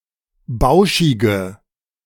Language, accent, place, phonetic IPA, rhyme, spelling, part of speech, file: German, Germany, Berlin, [ˈbaʊ̯ʃɪɡə], -aʊ̯ʃɪɡə, bauschige, adjective, De-bauschige.ogg
- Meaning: inflection of bauschig: 1. strong/mixed nominative/accusative feminine singular 2. strong nominative/accusative plural 3. weak nominative all-gender singular